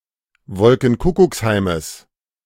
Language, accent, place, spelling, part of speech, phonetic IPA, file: German, Germany, Berlin, Wolkenkuckucksheimes, noun, [ˈvɔlkŋ̩ˈkʊkʊksˌhaɪ̯məs], De-Wolkenkuckucksheimes.ogg
- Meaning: genitive singular of Wolkenkuckucksheim